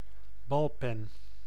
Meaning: a ballpoint pen, industrially produced pen type
- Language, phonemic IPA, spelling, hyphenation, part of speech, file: Dutch, /ˈbɑl.pɛn/, balpen, bal‧pen, noun, Nl-balpen.ogg